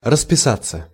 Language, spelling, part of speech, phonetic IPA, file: Russian, расписаться, verb, [rəspʲɪˈsat͡sːə], Ru-расписаться.ogg
- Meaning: 1. to sign 2. to register one's marriage 3. to admit openly, to acknowledge 4. passive of расписа́ть (raspisátʹ)